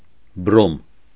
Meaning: bromine
- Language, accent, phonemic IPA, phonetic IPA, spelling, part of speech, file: Armenian, Eastern Armenian, /bɾom/, [bɾom], բրոմ, noun, Hy-բրոմ.ogg